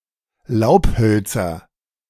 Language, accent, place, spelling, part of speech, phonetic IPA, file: German, Germany, Berlin, Laubhölzer, noun, [ˈlaʊ̯pˌhœlt͡sɐ], De-Laubhölzer.ogg
- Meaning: nominative/accusative/genitive plural of Laubholz